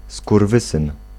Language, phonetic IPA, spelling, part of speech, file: Polish, [skurˈvɨsɨ̃n], skurwysyn, noun, Pl-skurwysyn.ogg